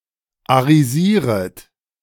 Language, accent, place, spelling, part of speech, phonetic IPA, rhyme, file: German, Germany, Berlin, arisieret, verb, [aʁiˈziːʁət], -iːʁət, De-arisieret.ogg
- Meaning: second-person plural subjunctive I of arisieren